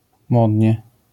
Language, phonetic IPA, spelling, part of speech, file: Polish, [ˈmɔdʲɲɛ], modnie, adverb, LL-Q809 (pol)-modnie.wav